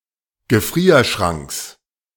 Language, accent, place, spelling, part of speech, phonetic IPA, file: German, Germany, Berlin, Gefrierschranks, noun, [ɡəˈfʁiːɐ̯ˌʃʁaŋks], De-Gefrierschranks.ogg
- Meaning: genitive singular of Gefrierschrank